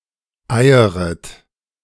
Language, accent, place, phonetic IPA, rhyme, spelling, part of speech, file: German, Germany, Berlin, [ˈaɪ̯əʁət], -aɪ̯əʁət, eieret, verb, De-eieret.ogg
- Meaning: second-person plural subjunctive I of eiern